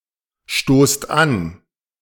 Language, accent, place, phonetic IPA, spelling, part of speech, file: German, Germany, Berlin, [ˌʃtoːst ˈan], stoßt an, verb, De-stoßt an.ogg
- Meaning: inflection of anstoßen: 1. second-person plural present 2. plural imperative